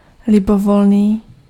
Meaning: 1. arbitrary 2. any, arbitrary
- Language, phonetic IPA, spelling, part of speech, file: Czech, [ˈlɪbovolniː], libovolný, adjective, Cs-libovolný.ogg